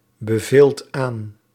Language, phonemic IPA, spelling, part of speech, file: Dutch, /bəˈvelt ˈan/, beveelt aan, verb, Nl-beveelt aan.ogg
- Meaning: inflection of aanbevelen: 1. second/third-person singular present indicative 2. plural imperative